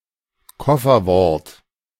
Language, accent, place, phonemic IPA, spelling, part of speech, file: German, Germany, Berlin, /ˈkɔfɐˌvɔʁt/, Kofferwort, noun, De-Kofferwort.ogg
- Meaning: portmanteau word, blend